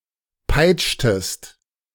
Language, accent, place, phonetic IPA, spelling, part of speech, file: German, Germany, Berlin, [ˈpaɪ̯t͡ʃtəst], peitschtest, verb, De-peitschtest.ogg
- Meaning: inflection of peitschen: 1. second-person singular preterite 2. second-person singular subjunctive II